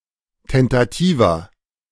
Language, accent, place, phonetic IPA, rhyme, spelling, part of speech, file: German, Germany, Berlin, [ˌtɛntaˈtiːvɐ], -iːvɐ, tentativer, adjective, De-tentativer.ogg
- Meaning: inflection of tentativ: 1. strong/mixed nominative masculine singular 2. strong genitive/dative feminine singular 3. strong genitive plural